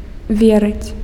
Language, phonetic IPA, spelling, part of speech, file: Belarusian, [ˈvʲerɨt͡sʲ], верыць, verb, Be-верыць.ogg
- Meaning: to believe